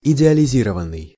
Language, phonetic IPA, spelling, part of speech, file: Russian, [ɪdʲɪəlʲɪˈzʲirəvən(ː)ɨj], идеализированный, verb, Ru-идеализированный.ogg
- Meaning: 1. past passive imperfective participle of идеализи́ровать (idealizírovatʹ) 2. past passive perfective participle of идеализи́ровать (idealizírovatʹ)